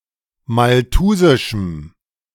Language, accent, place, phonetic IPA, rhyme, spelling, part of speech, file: German, Germany, Berlin, [malˈtuːzɪʃm̩], -uːzɪʃm̩, malthusischem, adjective, De-malthusischem.ogg
- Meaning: strong dative masculine/neuter singular of malthusisch